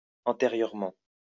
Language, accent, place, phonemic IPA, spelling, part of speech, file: French, France, Lyon, /ɑ̃.te.ʁjœʁ.mɑ̃/, antérieurement, adverb, LL-Q150 (fra)-antérieurement.wav
- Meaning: before, previously